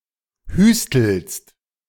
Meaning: second-person singular present of hüsteln
- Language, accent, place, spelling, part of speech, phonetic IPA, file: German, Germany, Berlin, hüstelst, verb, [ˈhyːstl̩st], De-hüstelst.ogg